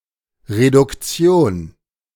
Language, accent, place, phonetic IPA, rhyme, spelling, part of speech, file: German, Germany, Berlin, [ʁedʊkˈt͡si̯oːn], -oːn, Reduktion, noun, De-Reduktion.ogg
- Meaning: reduction